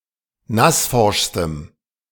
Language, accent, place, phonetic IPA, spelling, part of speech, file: German, Germany, Berlin, [ˈnasˌfɔʁʃstəm], nassforschstem, adjective, De-nassforschstem.ogg
- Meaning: strong dative masculine/neuter singular superlative degree of nassforsch